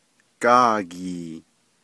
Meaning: crow
- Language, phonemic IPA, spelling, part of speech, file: Navajo, /kɑ̂ːkìː/, gáagii, noun, Nv-gáagii.ogg